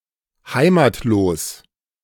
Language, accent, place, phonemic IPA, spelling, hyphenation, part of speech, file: German, Germany, Berlin, /ˈhaɪ̯matˌloːs/, heimatlos, hei‧mat‧los, adjective, De-heimatlos.ogg
- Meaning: without a homeland; stateless